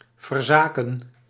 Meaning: 1. to renounce, to abandon 2. to neglect, to abandon 3. to betray, to abandon
- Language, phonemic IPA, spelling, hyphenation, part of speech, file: Dutch, /vərˈzaː.kə(n)/, verzaken, ver‧za‧ken, verb, Nl-verzaken.ogg